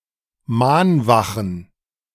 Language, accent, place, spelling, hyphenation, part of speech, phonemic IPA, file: German, Germany, Berlin, Mahnwachen, Mahn‧wa‧chen, noun, /ˈmaːnˌvaχn̩/, De-Mahnwachen.ogg
- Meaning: plural of Mahnwache